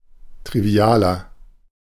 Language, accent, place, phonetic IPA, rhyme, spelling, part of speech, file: German, Germany, Berlin, [tʁiˈvi̯aːlɐ], -aːlɐ, trivialer, adjective, De-trivialer.ogg
- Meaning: 1. comparative degree of trivial 2. inflection of trivial: strong/mixed nominative masculine singular 3. inflection of trivial: strong genitive/dative feminine singular